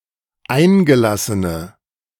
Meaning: inflection of eingelassen: 1. strong/mixed nominative/accusative feminine singular 2. strong nominative/accusative plural 3. weak nominative all-gender singular
- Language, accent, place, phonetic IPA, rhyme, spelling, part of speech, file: German, Germany, Berlin, [ˈaɪ̯nɡəˌlasənə], -aɪ̯nɡəlasənə, eingelassene, adjective, De-eingelassene.ogg